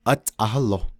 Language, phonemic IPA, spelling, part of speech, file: Navajo, /ʔɑ́tʼɑ̀hɑ́lò/, átʼahálo, interjection, Nv-átʼahálo.ogg
- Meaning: wait!, hold on!, sit tight!